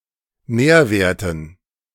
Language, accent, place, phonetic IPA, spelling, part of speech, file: German, Germany, Berlin, [ˈnɛːɐ̯ˌveːɐ̯tn̩], Nährwerten, noun, De-Nährwerten.ogg
- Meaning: dative plural of Nährwert